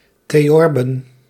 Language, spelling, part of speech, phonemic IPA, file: Dutch, theorben, noun, /teˈjɔrbə(n)/, Nl-theorben.ogg
- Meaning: plural of theorbe